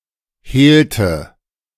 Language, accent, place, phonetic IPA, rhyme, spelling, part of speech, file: German, Germany, Berlin, [ˈheːltə], -eːltə, hehlte, verb, De-hehlte.ogg
- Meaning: inflection of hehlen: 1. first/third-person singular preterite 2. first/third-person singular subjunctive II